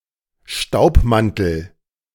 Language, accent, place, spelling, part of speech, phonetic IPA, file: German, Germany, Berlin, Staubmantel, noun, [ˈʃtaʊ̯pˌmantl̩], De-Staubmantel.ogg
- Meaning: duster